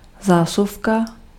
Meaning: 1. socket, power socket 2. drawer (part of furniture)
- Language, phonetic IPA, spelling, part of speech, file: Czech, [ˈzaːsufka], zásuvka, noun, Cs-zásuvka.ogg